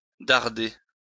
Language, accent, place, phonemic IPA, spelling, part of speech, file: French, France, Lyon, /daʁ.de/, darder, verb, LL-Q150 (fra)-darder.wav
- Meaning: 1. to shoot (an arrow, look etc.) 2. to point (up or out)